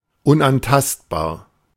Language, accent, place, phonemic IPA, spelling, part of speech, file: German, Germany, Berlin, /ʊnʔanˈtastbaːɐ̯/, unantastbar, adjective, De-unantastbar.ogg
- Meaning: inviolable